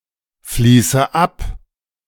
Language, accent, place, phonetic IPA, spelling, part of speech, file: German, Germany, Berlin, [ˌfliːsə ˈap], fließe ab, verb, De-fließe ab.ogg
- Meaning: inflection of abfließen: 1. first-person singular present 2. first/third-person singular subjunctive I 3. singular imperative